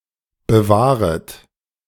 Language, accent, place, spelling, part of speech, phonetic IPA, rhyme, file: German, Germany, Berlin, bewahret, verb, [bəˈvaːʁət], -aːʁət, De-bewahret.ogg
- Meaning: second-person plural subjunctive I of bewahren